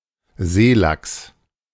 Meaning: saithe, coalfish (Pollachius virens, a cod of the North Atlantic)
- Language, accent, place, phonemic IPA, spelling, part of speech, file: German, Germany, Berlin, /ˈzeːlaks/, Seelachs, noun, De-Seelachs.ogg